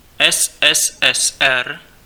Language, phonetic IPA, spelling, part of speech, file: Czech, [ɛs ɛs ɛs ɛr], SSSR, proper noun, Cs-SSSR.ogg